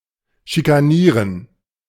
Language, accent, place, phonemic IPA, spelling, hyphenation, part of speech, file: German, Germany, Berlin, /ʃikaˈniːʁən/, schikanieren, schi‧ka‧nie‧ren, verb, De-schikanieren.ogg
- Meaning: to bully, to harass